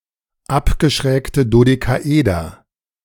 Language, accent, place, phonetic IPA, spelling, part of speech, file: German, Germany, Berlin, [ˈapɡəʃʁɛːktə dodekaˈʔeːdɐ], abgeschrägte Dodekaeder, noun, De-abgeschrägte Dodekaeder.ogg
- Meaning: plural of abgeschrägtes Dodekaeder